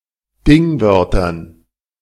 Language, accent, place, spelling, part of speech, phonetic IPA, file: German, Germany, Berlin, Dingwörtern, noun, [ˈdɪŋˌvœʁtɐn], De-Dingwörtern.ogg
- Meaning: dative plural of Dingwort